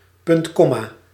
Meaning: semicolon (punctuation mark ';')
- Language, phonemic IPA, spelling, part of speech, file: Dutch, /ˌpʏntˈkɔmaː/, puntkomma, noun, Nl-puntkomma.ogg